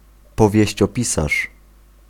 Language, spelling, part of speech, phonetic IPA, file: Polish, powieściopisarz, noun, [ˌpɔvʲjɛ̇ɕt͡ɕɔˈpʲisaʃ], Pl-powieściopisarz.ogg